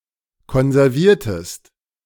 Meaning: inflection of konservieren: 1. second-person singular preterite 2. second-person singular subjunctive II
- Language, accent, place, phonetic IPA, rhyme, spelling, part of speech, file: German, Germany, Berlin, [kɔnzɛʁˈviːɐ̯təst], -iːɐ̯təst, konserviertest, verb, De-konserviertest.ogg